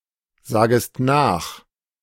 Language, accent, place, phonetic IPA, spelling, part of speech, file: German, Germany, Berlin, [ˌzaːɡəst ˈnaːx], sagest nach, verb, De-sagest nach.ogg
- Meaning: second-person singular subjunctive I of nachsagen